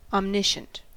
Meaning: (adjective) Having total knowledge; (noun) One who has total knowledge
- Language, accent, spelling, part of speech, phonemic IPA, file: English, US, omniscient, adjective / noun, /ɑmˈnɪʃənt/, En-us-omniscient.ogg